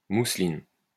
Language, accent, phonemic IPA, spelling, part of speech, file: French, France, /mu.slin/, mousseline, noun, LL-Q150 (fra)-mousseline.wav
- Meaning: 1. muslin 2. mousseline